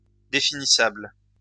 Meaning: definable
- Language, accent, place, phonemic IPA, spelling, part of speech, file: French, France, Lyon, /de.fi.ni.sabl/, définissable, adjective, LL-Q150 (fra)-définissable.wav